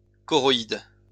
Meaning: choroid
- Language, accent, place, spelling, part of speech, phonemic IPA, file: French, France, Lyon, choroïde, noun, /kɔ.ʁɔ.id/, LL-Q150 (fra)-choroïde.wav